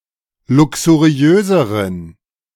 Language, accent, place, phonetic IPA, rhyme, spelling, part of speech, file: German, Germany, Berlin, [ˌlʊksuˈʁi̯øːzəʁən], -øːzəʁən, luxuriöseren, adjective, De-luxuriöseren.ogg
- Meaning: inflection of luxuriös: 1. strong genitive masculine/neuter singular comparative degree 2. weak/mixed genitive/dative all-gender singular comparative degree